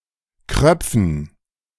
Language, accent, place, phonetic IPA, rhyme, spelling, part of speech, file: German, Germany, Berlin, [ˈkʁœp͡fn̩], -œp͡fn̩, Kröpfen, noun, De-Kröpfen.ogg
- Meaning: dative plural of Kropf